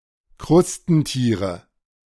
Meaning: nominative/accusative/genitive plural of Krustentier
- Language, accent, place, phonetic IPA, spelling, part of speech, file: German, Germany, Berlin, [ˈkʁʊstn̩ˌtiːʁə], Krustentiere, noun, De-Krustentiere.ogg